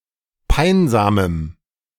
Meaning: strong dative masculine/neuter singular of peinsam
- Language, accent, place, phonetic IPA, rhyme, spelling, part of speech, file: German, Germany, Berlin, [ˈpaɪ̯nzaːməm], -aɪ̯nzaːməm, peinsamem, adjective, De-peinsamem.ogg